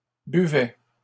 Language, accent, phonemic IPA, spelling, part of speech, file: French, Canada, /by.vɛ/, buvaient, verb, LL-Q150 (fra)-buvaient.wav
- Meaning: third-person plural imperfect indicative of boire